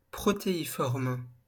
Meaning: protean
- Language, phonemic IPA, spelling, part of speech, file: French, /pʁɔ.te.i.fɔʁm/, protéiforme, adjective, LL-Q150 (fra)-protéiforme.wav